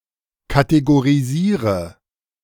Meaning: inflection of kategorisieren: 1. first-person singular present 2. singular imperative 3. first/third-person singular subjunctive I
- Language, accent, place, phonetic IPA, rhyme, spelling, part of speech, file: German, Germany, Berlin, [kateɡoʁiˈziːʁə], -iːʁə, kategorisiere, verb, De-kategorisiere.ogg